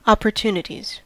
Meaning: plural of opportunity
- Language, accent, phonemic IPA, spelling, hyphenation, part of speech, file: English, US, /ˌɑ.pɚˈtu.nə.tiz/, opportunities, op‧por‧tu‧ni‧ties, noun, En-us-opportunities.ogg